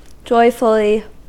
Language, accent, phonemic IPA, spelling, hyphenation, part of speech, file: English, US, /ˈd͡ʒɔɪfəli/, joyfully, joy‧ful‧ly, adverb, En-us-joyfully.ogg
- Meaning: In a joyful manner; joyously